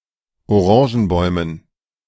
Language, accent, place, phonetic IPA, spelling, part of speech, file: German, Germany, Berlin, [oˈʁɑ̃ːʒn̩ˌbɔɪ̯mən], Orangenbäumen, noun, De-Orangenbäumen.ogg
- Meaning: dative plural of Orangenbaum